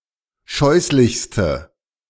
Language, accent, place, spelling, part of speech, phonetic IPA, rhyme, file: German, Germany, Berlin, scheußlichste, adjective, [ˈʃɔɪ̯slɪçstə], -ɔɪ̯slɪçstə, De-scheußlichste.ogg
- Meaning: inflection of scheußlich: 1. strong/mixed nominative/accusative feminine singular superlative degree 2. strong nominative/accusative plural superlative degree